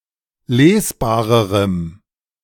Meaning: strong dative masculine/neuter singular comparative degree of lesbar
- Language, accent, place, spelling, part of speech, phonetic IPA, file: German, Germany, Berlin, lesbarerem, adjective, [ˈleːsˌbaːʁəʁəm], De-lesbarerem.ogg